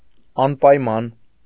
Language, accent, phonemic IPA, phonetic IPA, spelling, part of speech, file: Armenian, Eastern Armenian, /ɑnpɑjˈmɑn/, [ɑnpɑjmɑ́n], անպայման, adjective / adverb, Hy-անպայման.ogg
- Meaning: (adjective) absolute, unconditional; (adverb) absolutely, unconditionally